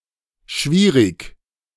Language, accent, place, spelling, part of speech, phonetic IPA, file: German, Germany, Berlin, schwierig, adjective, [ˈʃʋiːʁɪç], De-schwierig2.ogg
- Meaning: 1. difficult, hard, challenging, tough 2. difficult, prickly